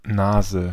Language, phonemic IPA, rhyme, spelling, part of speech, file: German, /ˈnaːzə/, -aːzə, Nase, noun, De-Nase.ogg
- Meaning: 1. nose 2. snout 3. dummy; a mild insult 4. common nase (Chondrostoma nasus) 5. a snort or line of cocaine 6. nose candy, cocaine